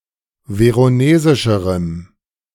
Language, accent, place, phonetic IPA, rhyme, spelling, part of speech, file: German, Germany, Berlin, [ˌveʁoˈneːzɪʃəʁəm], -eːzɪʃəʁəm, veronesischerem, adjective, De-veronesischerem.ogg
- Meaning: strong dative masculine/neuter singular comparative degree of veronesisch